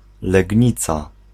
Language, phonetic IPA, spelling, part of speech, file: Polish, [lɛɟˈɲit͡sa], Legnica, proper noun, Pl-Legnica.ogg